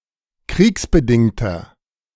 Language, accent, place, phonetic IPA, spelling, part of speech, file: German, Germany, Berlin, [ˈkʁiːksbəˌdɪŋtɐ], kriegsbedingter, adjective, De-kriegsbedingter.ogg
- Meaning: inflection of kriegsbedingt: 1. strong/mixed nominative masculine singular 2. strong genitive/dative feminine singular 3. strong genitive plural